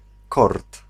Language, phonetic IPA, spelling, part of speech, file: Polish, [kɔrt], kord, noun, Pl-kord.ogg